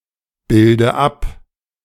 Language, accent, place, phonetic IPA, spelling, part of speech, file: German, Germany, Berlin, [ˌbɪldə ˈap], bilde ab, verb, De-bilde ab.ogg
- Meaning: inflection of abbilden: 1. first-person singular present 2. first/third-person singular subjunctive I 3. singular imperative